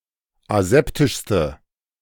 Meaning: inflection of aseptisch: 1. strong/mixed nominative/accusative feminine singular superlative degree 2. strong nominative/accusative plural superlative degree
- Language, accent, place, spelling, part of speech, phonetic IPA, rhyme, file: German, Germany, Berlin, aseptischste, adjective, [aˈzɛptɪʃstə], -ɛptɪʃstə, De-aseptischste.ogg